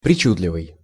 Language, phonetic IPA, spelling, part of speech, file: Russian, [prʲɪˈt͡ɕudlʲɪvɨj], причудливый, adjective, Ru-причудливый.ogg
- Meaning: 1. fancy, complicated 2. cute, quaint 3. bizarre, weird, peculiar (strangely unconventional) 4. whimsical